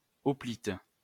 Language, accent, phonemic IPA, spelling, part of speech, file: French, France, /ɔ.plit/, hoplite, noun, LL-Q150 (fra)-hoplite.wav
- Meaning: hoplite